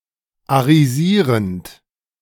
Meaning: present participle of arisieren
- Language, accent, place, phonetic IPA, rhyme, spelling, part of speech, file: German, Germany, Berlin, [aʁiˈziːʁənt], -iːʁənt, arisierend, verb, De-arisierend.ogg